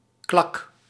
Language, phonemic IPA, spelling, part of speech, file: Dutch, /klɑk/, klak, noun / interjection / verb, Nl-klak.ogg
- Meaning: baseball cap or such kind of headdress